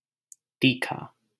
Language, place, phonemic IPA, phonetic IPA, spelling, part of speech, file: Hindi, Delhi, /t̪iː.kʰɑː/, [t̪iː.kʰäː], तीखा, adjective, LL-Q1568 (hin)-तीखा.wav
- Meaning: 1. pungent, strong (having a strong, often acidic, odor) 2. spicy, hot 3. sharp, piercing 4. high, shrill (high-pitched)